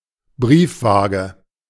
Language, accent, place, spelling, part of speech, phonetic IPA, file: German, Germany, Berlin, Briefwaage, noun, [ˈbʁiːfˌvaːɡə], De-Briefwaage.ogg
- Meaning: letter balance